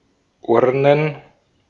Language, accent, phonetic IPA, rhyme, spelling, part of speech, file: German, Austria, [ˈʊʁnən], -ʊʁnən, Urnen, noun, De-at-Urnen.ogg
- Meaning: plural of Urne